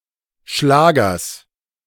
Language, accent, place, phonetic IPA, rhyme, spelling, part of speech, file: German, Germany, Berlin, [ˈʃlaːɡɐs], -aːɡɐs, Schlagers, noun, De-Schlagers.ogg
- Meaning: genitive of Schlager